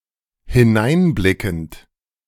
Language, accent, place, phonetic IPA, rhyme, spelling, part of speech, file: German, Germany, Berlin, [hɪˈnaɪ̯nˌblɪkn̩t], -aɪ̯nblɪkn̩t, hineinblickend, verb, De-hineinblickend.ogg
- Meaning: present participle of hineinblicken